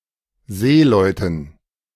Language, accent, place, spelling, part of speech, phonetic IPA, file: German, Germany, Berlin, Seeleuten, noun, [ˈzeːlɔɪ̯tn̩], De-Seeleuten.ogg
- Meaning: dative plural of Seemann